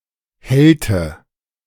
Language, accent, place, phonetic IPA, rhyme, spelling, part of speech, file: German, Germany, Berlin, [ˈhɛltə], -ɛltə, hellte, verb, De-hellte.ogg
- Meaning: inflection of hellen: 1. first/third-person singular preterite 2. first/third-person singular subjunctive II